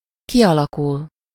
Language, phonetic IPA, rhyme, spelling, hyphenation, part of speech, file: Hungarian, [ˈkijɒlɒkul], -ul, kialakul, ki‧ala‧kul, verb, Hu-kialakul.ogg
- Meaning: to form, to develop, to evolve, to emerge